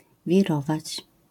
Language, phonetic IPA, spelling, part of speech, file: Polish, [vʲiˈrɔvat͡ɕ], wirować, verb, LL-Q809 (pol)-wirować.wav